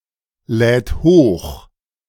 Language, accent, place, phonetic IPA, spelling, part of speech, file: German, Germany, Berlin, [ˌlɛːt ˈhoːx], lädt hoch, verb, De-lädt hoch.ogg
- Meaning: third-person singular present of hochladen